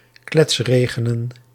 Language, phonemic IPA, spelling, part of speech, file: Dutch, /ˈklɛtsreɣenə(n)/, kletsregenen, verb, Nl-kletsregenen.ogg
- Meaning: to rain noisily, to pour